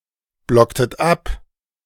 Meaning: inflection of abblocken: 1. second-person plural preterite 2. second-person plural subjunctive II
- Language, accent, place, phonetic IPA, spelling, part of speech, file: German, Germany, Berlin, [ˌblɔktət ˈap], blocktet ab, verb, De-blocktet ab.ogg